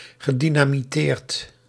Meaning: past participle of dynamiteren
- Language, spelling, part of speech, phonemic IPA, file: Dutch, gedynamiteerd, verb, /ɣəˌdinamiˈtert/, Nl-gedynamiteerd.ogg